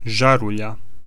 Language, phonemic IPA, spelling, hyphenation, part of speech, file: Serbo-Croatian, /ʒǎruʎa/, žarulja, ža‧ru‧lja, noun, Hr-žarulja.ogg
- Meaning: lightbulb